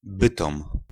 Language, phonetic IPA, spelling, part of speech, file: Polish, [ˈbɨtɔ̃m], Bytom, proper noun, Pl-Bytom.ogg